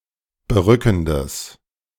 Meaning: strong/mixed nominative/accusative neuter singular of berückend
- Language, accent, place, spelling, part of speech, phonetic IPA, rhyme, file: German, Germany, Berlin, berückendes, adjective, [bəˈʁʏkn̩dəs], -ʏkn̩dəs, De-berückendes.ogg